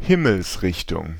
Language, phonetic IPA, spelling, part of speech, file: German, [ˈhɪml̩sˌʁɪçtʊŋ], Himmelsrichtung, noun, De-Himmelsrichtung.ogg
- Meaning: compass point